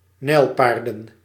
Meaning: plural of nijlpaard
- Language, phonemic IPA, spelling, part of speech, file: Dutch, /ˈnɛilpardə(n)/, nijlpaarden, noun, Nl-nijlpaarden.ogg